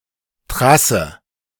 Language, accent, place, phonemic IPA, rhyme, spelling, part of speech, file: German, Germany, Berlin, /ˈtʁasə/, -asə, Trasse, noun, De-Trasse.ogg
- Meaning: 1. line 2. train path; a slot on the timetable of a rail line allocated to a specific train